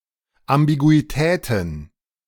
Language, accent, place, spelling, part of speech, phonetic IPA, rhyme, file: German, Germany, Berlin, Ambiguitäten, noun, [ambiɡuiˈtɛːtn̩], -ɛːtn̩, De-Ambiguitäten.ogg
- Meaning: plural of Ambiguität